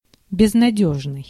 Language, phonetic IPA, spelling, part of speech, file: Russian, [bʲɪznɐˈdʲɵʐnɨj], безнадёжный, adjective, Ru-безнадёжный.ogg
- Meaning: hopeless